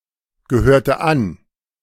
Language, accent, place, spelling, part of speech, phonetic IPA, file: German, Germany, Berlin, gehörte an, verb, [ɡəˌhøːɐ̯tə ˈan], De-gehörte an.ogg
- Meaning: inflection of angehören: 1. first/third-person singular preterite 2. first/third-person singular subjunctive II